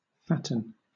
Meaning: 1. To cause (a person or animal) to be fat or fatter 2. To become fat or fatter 3. To make thick or thicker (often something containing paper, especially money) 4. To become thick or thicker
- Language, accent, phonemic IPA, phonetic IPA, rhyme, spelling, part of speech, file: English, Southern England, /ˈfætən/, [ˈfæʔn̩], -ætən, fatten, verb, LL-Q1860 (eng)-fatten.wav